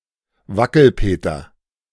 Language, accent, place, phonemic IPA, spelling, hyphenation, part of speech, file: German, Germany, Berlin, /ˈvakl̩ˌpeːtɐ/, Wackelpeter, Wa‧ckel‧pe‧ter, noun, De-Wackelpeter.ogg
- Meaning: jelly pudding